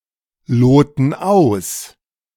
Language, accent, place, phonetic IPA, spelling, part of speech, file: German, Germany, Berlin, [ˌloːtn̩ ˈaʊ̯s], loten aus, verb, De-loten aus.ogg
- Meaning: inflection of ausloten: 1. first/third-person plural present 2. first/third-person plural subjunctive I